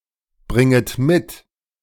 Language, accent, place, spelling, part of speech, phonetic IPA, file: German, Germany, Berlin, bringet mit, verb, [ˌbʁɪŋət ˈmɪt], De-bringet mit.ogg
- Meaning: second-person plural subjunctive I of mitbringen